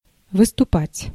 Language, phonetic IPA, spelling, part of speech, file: Russian, [vɨstʊˈpatʲ], выступать, verb, Ru-выступать.ogg
- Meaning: 1. to project, to protrude, to jut, to jut out, to come out, to stand out 2. to step forth, to step forward 3. to set out, to march off 4. to appear on the surface 5. to strut